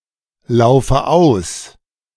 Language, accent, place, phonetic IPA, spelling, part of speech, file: German, Germany, Berlin, [ˌlaʊ̯fə ˈaʊ̯s], laufe aus, verb, De-laufe aus.ogg
- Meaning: inflection of auslaufen: 1. first-person singular present 2. first/third-person singular subjunctive I 3. singular imperative